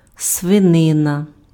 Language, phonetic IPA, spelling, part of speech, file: Ukrainian, [sʋeˈnɪnɐ], свинина, noun, Uk-свинина.ogg
- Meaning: pork